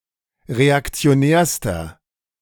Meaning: inflection of reaktionär: 1. strong/mixed nominative masculine singular superlative degree 2. strong genitive/dative feminine singular superlative degree 3. strong genitive plural superlative degree
- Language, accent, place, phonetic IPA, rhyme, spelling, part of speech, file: German, Germany, Berlin, [ʁeakt͡si̯oˈnɛːɐ̯stɐ], -ɛːɐ̯stɐ, reaktionärster, adjective, De-reaktionärster.ogg